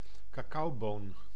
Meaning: cocoa bean
- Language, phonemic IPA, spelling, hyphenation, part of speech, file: Dutch, /kɑˈkɑu̯ˌboːn/, cacaoboon, ca‧cao‧boon, noun, Nl-cacaoboon.ogg